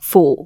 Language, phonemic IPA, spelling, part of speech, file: Cantonese, /fuː²¹/, fu4, romanization, Yue-fu4.ogg
- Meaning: 1. Jyutping transcription of 夫 2. Jyutping transcription of 乎 3. Jyutping transcription of 乯 4. Jyutping transcription of 扶 5. Jyutping transcription of 榑 6. Jyutping transcription of 符